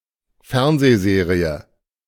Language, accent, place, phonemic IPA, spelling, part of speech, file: German, Germany, Berlin, /ˈfɛʁnzeːˌzeːʁiə/, Fernsehserie, noun, De-Fernsehserie.ogg
- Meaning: TV series